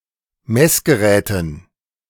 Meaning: dative plural of Messgerät
- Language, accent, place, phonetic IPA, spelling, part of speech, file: German, Germany, Berlin, [ˈmɛsɡəˌʁɛːtn̩], Messgeräten, noun, De-Messgeräten.ogg